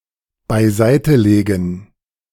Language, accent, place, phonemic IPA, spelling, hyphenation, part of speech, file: German, Germany, Berlin, /baɪ̯ˈzaɪ̯təˌleːɡn̩/, beiseitelegen, bei‧sei‧te‧le‧gen, verb, De-beiseitelegen.ogg
- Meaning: 1. to put aside, set aside 2. to store, save